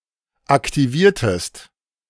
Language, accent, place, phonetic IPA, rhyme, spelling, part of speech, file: German, Germany, Berlin, [aktiˈviːɐ̯təst], -iːɐ̯təst, aktiviertest, verb, De-aktiviertest.ogg
- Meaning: inflection of aktivieren: 1. second-person singular preterite 2. second-person singular subjunctive II